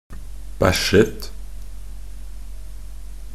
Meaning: simple past and present perfect of bæsje
- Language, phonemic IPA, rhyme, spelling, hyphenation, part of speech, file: Norwegian Bokmål, /ˈbæʃːət/, -ət, bæsjet, bæsj‧et, verb, Nb-bæsjet.ogg